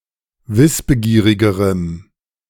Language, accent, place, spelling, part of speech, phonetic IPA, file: German, Germany, Berlin, wissbegierigerem, adjective, [ˈvɪsbəˌɡiːʁɪɡəʁəm], De-wissbegierigerem.ogg
- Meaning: strong dative masculine/neuter singular comparative degree of wissbegierig